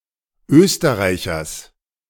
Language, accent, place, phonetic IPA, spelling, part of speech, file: German, Germany, Berlin, [ˈøːstəʁaɪ̯çɐs], Österreichers, noun, De-Österreichers.ogg
- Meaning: genitive singular of Österreicher